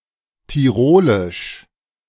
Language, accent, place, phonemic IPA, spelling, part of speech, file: German, Germany, Berlin, /tiˈʁoːlɪʃ/, tirolisch, adjective, De-tirolisch.ogg
- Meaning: synonym of tirolerisch